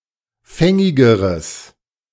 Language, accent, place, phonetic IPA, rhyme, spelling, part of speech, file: German, Germany, Berlin, [ˈfɛŋɪɡəʁəs], -ɛŋɪɡəʁəs, fängigeres, adjective, De-fängigeres.ogg
- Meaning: strong/mixed nominative/accusative neuter singular comparative degree of fängig